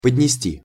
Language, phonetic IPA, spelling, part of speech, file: Russian, [pədʲnʲɪˈsʲtʲi], поднести, verb, Ru-поднести.ogg
- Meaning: 1. to bring, to carry (to) 2. to offer, to present